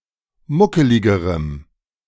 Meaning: strong dative masculine/neuter singular comparative degree of muckelig
- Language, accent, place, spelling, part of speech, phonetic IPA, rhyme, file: German, Germany, Berlin, muckeligerem, adjective, [ˈmʊkəlɪɡəʁəm], -ʊkəlɪɡəʁəm, De-muckeligerem.ogg